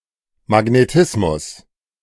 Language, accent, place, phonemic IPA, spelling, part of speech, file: German, Germany, Berlin, /maɡneˈtɪsmʊs/, Magnetismus, noun, De-Magnetismus.ogg
- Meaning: magnetism